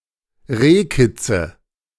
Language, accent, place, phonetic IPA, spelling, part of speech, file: German, Germany, Berlin, [ˈʁeːˌkɪt͡sə], Rehkitze, noun, De-Rehkitze.ogg
- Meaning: nominative/accusative/genitive plural of Rehkitz